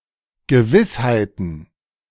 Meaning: plural of Gewissheit
- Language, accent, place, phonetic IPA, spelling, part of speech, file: German, Germany, Berlin, [ɡəˈvɪshaɪ̯tn̩], Gewissheiten, noun, De-Gewissheiten.ogg